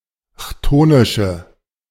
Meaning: inflection of chthonisch: 1. strong/mixed nominative/accusative feminine singular 2. strong nominative/accusative plural 3. weak nominative all-gender singular
- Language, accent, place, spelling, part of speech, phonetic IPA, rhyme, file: German, Germany, Berlin, chthonische, adjective, [ˈçtoːnɪʃə], -oːnɪʃə, De-chthonische.ogg